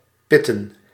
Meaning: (verb) 1. to sleep 2. to pit, to go to the pits for fuel or tyres; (noun) plural of pit
- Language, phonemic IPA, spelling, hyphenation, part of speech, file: Dutch, /ˈpɪ.tə(n)/, pitten, pit‧ten, verb / noun, Nl-pitten.ogg